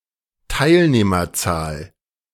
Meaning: number of participants
- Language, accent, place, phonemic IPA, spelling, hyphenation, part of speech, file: German, Germany, Berlin, /ˈtaɪ̯lneːmɐˌt͡saːl/, Teilnehmerzahl, Teil‧neh‧mer‧zahl, noun, De-Teilnehmerzahl.ogg